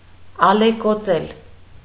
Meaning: 1. to billow, to surge, to roll (of waves) 2. to be greatly distressed, affected, moved 3. to popple, to ripple
- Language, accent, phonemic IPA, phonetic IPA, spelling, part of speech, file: Armenian, Eastern Armenian, /ɑlekoˈt͡sel/, [ɑlekot͡sél], ալեկոծել, verb, Hy-ալեկոծել.ogg